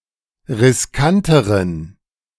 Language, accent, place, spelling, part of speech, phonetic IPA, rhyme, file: German, Germany, Berlin, riskanteren, adjective, [ʁɪsˈkantəʁən], -antəʁən, De-riskanteren.ogg
- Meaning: inflection of riskant: 1. strong genitive masculine/neuter singular comparative degree 2. weak/mixed genitive/dative all-gender singular comparative degree